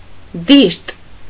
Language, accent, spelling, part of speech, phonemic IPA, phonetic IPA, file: Armenian, Eastern Armenian, դիրտ, noun, /diɾt/, [diɾt], Hy-դիրտ.ogg
- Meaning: dregs, lees, sediment